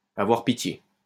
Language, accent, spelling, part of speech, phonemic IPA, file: French, France, avoir pitié, verb, /a.vwaʁ pi.tje/, LL-Q150 (fra)-avoir pitié.wav
- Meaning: 1. to pity, to feel sorry for, to take pity on 2. to have mercy on